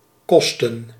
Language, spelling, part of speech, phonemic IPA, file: Dutch, kosten, verb / noun, /ˈkɔstə(n)/, Nl-kosten.ogg
- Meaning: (verb) 1. to cost 2. take, require (time, effort, etc.); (noun) plural of kost